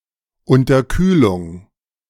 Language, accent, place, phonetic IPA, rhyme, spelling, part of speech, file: German, Germany, Berlin, [ʊntɐˈkyːlʊŋ], -yːlʊŋ, Unterkühlung, noun, De-Unterkühlung.ogg
- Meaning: 1. hypothermia 2. undercooling 3. supercooling